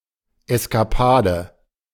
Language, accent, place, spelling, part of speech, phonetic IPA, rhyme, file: German, Germany, Berlin, Eskapade, noun, [ɛskaˈpaːdə], -aːdə, De-Eskapade.ogg
- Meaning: escapade